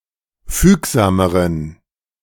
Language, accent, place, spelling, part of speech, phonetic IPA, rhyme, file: German, Germany, Berlin, fügsameren, adjective, [ˈfyːkzaːməʁən], -yːkzaːməʁən, De-fügsameren.ogg
- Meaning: inflection of fügsam: 1. strong genitive masculine/neuter singular comparative degree 2. weak/mixed genitive/dative all-gender singular comparative degree